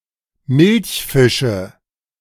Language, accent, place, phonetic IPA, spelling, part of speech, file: German, Germany, Berlin, [ˈmɪlçˌfɪʃə], Milchfische, noun, De-Milchfische.ogg
- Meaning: nominative/accusative/genitive plural of Milchfisch